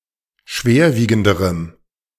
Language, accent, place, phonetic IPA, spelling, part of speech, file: German, Germany, Berlin, [ˈʃveːɐ̯ˌviːɡn̩dəʁəm], schwerwiegenderem, adjective, De-schwerwiegenderem.ogg
- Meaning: strong dative masculine/neuter singular comparative degree of schwerwiegend